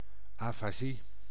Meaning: the neuropathological language disorder aphasia
- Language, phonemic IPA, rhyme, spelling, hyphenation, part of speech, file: Dutch, /ˌaː.faːˈzi/, -i, afasie, afa‧sie, noun, Nl-afasie.ogg